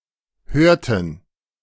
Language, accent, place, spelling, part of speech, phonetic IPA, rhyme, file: German, Germany, Berlin, hörten, verb, [ˈhøːɐ̯tn̩], -øːɐ̯tn̩, De-hörten.ogg
- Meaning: inflection of hören: 1. first/third-person plural preterite 2. first/third-person plural subjunctive II